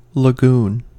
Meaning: A shallow body of water separated from deeper sea by a bar
- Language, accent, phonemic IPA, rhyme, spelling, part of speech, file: English, US, /ləˈɡuːn/, -uːn, lagoon, noun, En-us-lagoon.ogg